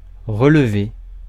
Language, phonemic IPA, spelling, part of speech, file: French, /ʁə.l(ə).ve/, relever, verb, Fr-relever.ogg
- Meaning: 1. to stand up (again); to stand, to right (a vehicle etc.) 2. to help (someone) to their feet; to help up 3. to pull up (socks etc.); to lift, raise (skirt etc.) 4. to put up (hair)